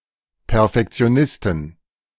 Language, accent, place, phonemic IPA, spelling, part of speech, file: German, Germany, Berlin, /pɛʁfɛkt͡si̯oˈnɪstn̩/, Perfektionisten, noun, De-Perfektionisten.ogg
- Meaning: inflection of Perfektionist: 1. genitive singular 2. plural